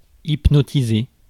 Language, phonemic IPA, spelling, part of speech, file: French, /ip.nɔ.ti.ze/, hypnotiser, verb, Fr-hypnotiser.ogg
- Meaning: 1. to hypnotize 2. to mesmerize